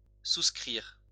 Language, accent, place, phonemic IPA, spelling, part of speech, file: French, France, Lyon, /sus.kʁiʁ/, souscrire, verb, LL-Q150 (fra)-souscrire.wav
- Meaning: to subscribe (all meanings)